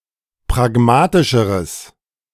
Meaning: strong/mixed nominative/accusative neuter singular comparative degree of pragmatisch
- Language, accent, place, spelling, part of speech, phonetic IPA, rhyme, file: German, Germany, Berlin, pragmatischeres, adjective, [pʁaˈɡmaːtɪʃəʁəs], -aːtɪʃəʁəs, De-pragmatischeres.ogg